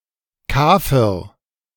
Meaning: kafir
- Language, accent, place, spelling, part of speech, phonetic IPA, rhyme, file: German, Germany, Berlin, Kafir, noun, [ˈkaːfɪʁ], -aːfɪʁ, De-Kafir.ogg